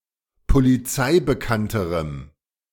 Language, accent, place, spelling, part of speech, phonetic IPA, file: German, Germany, Berlin, polizeibekannterem, adjective, [poliˈt͡saɪ̯bəˌkantəʁəm], De-polizeibekannterem.ogg
- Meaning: strong dative masculine/neuter singular comparative degree of polizeibekannt